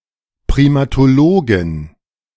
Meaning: female primatologist
- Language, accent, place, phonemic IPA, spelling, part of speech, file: German, Germany, Berlin, /pʁiˌmaːtoˈloːɡɪn/, Primatologin, noun, De-Primatologin.ogg